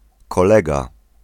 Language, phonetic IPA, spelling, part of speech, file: Polish, [kɔˈlɛɡa], kolega, noun, Pl-kolega.ogg